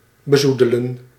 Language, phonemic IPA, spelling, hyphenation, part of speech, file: Dutch, /bəˈzu.də.lə(n)/, bezoedelen, be‧zoe‧de‧len, verb, Nl-bezoedelen.ogg
- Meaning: to stain, besmirch, sully